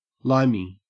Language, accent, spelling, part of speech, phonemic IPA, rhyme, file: English, Australia, limey, adjective / noun, /ˈlaɪmi/, -aɪmi, En-au-limey.ogg
- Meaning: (adjective) 1. Resembling limes (the fruit); lime-like 2. Of, or pertaining to, limes (the fruit); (noun) An Englishman or other Briton, or a person of British descent; an English or British immigrant